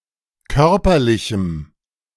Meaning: strong dative masculine/neuter singular of körperlich
- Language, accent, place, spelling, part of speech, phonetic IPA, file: German, Germany, Berlin, körperlichem, adjective, [ˈkœʁpɐlɪçm̩], De-körperlichem.ogg